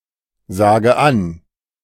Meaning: inflection of ansagen: 1. first-person singular present 2. first/third-person singular subjunctive I 3. singular imperative
- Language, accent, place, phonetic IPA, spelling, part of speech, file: German, Germany, Berlin, [ˌzaːɡə ˈan], sage an, verb, De-sage an.ogg